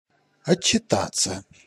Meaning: 1. to report, to give a report 2. to give an account
- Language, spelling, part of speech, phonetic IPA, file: Russian, отчитаться, verb, [ɐt͡ɕːɪˈtat͡sːə], Ru-отчитаться.ogg